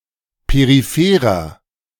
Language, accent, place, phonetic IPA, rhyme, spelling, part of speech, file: German, Germany, Berlin, [peʁiˈfeːʁɐ], -eːʁɐ, peripherer, adjective, De-peripherer.ogg
- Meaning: inflection of peripher: 1. strong/mixed nominative masculine singular 2. strong genitive/dative feminine singular 3. strong genitive plural